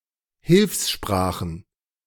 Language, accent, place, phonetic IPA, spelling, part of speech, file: German, Germany, Berlin, [ˈhɪlfsˌʃpʁaːxn̩], Hilfssprachen, noun, De-Hilfssprachen.ogg
- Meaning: plural of Hilfssprache